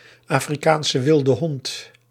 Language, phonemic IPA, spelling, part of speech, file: Dutch, /aː.friˌkaːn.sə ˌʋɪl.də ˈɦɔnt/, Afrikaanse wilde hond, noun, Nl-Afrikaanse wilde hond.ogg
- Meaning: African wild dog (Lycaon pictus)